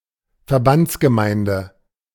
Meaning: An administrative unit in the German Bundesländer of Rhineland-Palatinate and Saxony-Anhalt
- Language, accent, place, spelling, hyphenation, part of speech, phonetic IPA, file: German, Germany, Berlin, Verbandsgemeinde, Ver‧bands‧ge‧mein‧de, noun, [fɛɐ̯ˈbantsɡəˌmaɪndə], De-Verbandsgemeinde.ogg